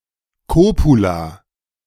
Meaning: copula (word linking subject and predicate)
- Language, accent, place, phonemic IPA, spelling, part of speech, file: German, Germany, Berlin, /koːpula/, Kopula, noun, De-Kopula.ogg